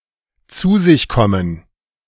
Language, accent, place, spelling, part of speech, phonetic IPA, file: German, Germany, Berlin, zu sich kommen, phrase, [t͡suː zɪç ˈkɔmən], De-zu sich kommen.ogg
- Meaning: to come to; to regain consciousness or calm after fainting, shock, rage, etc